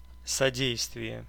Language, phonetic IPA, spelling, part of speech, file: Russian, [sɐˈdʲejstvʲɪje], содействие, noun, Ru-содействие.ogg
- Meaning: 1. assistance, aid 2. promotion 3. contribution 4. agency 5. instrumentality 6. abetment 7. subservience